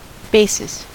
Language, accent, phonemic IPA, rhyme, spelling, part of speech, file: English, US, /ˈbeɪ.sɪs/, -eɪsɪs, basis, noun, En-us-basis.ogg
- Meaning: 1. A physical base or foundation 2. A starting point, base or foundation for an argument or hypothesis 3. An underlying condition or circumstance 4. A regular frequency